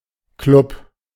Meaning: 1. club (association of members) 2. club (nightclub, discotheque)
- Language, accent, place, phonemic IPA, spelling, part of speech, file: German, Germany, Berlin, /klʊp/, Club, noun, De-Club.ogg